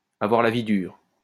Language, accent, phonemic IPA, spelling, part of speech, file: French, France, /a.vwaʁ la vi dyʁ/, avoir la vie dure, verb, LL-Q150 (fra)-avoir la vie dure.wav
- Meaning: to die hard, to be well-ingrained, to have legs, to be difficult to get rid of